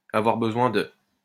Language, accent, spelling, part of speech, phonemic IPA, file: French, France, avoir besoin de, verb, /a.vwaʁ bə.zwɛ̃ də/, LL-Q150 (fra)-avoir besoin de.wav
- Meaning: to need